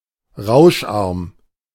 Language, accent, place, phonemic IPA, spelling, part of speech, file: German, Germany, Berlin, /ˈraʊ̯ʃˌarm/, rauscharm, adjective, De-rauscharm.ogg
- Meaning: 1. low-noise, creating little crackling noise 2. creating little image noise